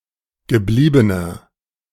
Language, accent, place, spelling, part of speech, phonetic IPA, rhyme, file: German, Germany, Berlin, gebliebener, adjective, [ɡəˈbliːbənɐ], -iːbənɐ, De-gebliebener.ogg
- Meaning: inflection of geblieben: 1. strong/mixed nominative masculine singular 2. strong genitive/dative feminine singular 3. strong genitive plural